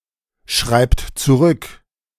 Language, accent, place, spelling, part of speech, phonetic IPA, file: German, Germany, Berlin, schreibt zurück, verb, [ˌʃʁaɪ̯pt t͡suˈʁʏk], De-schreibt zurück.ogg
- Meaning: inflection of zurückschreiben: 1. third-person singular present 2. second-person plural present 3. plural imperative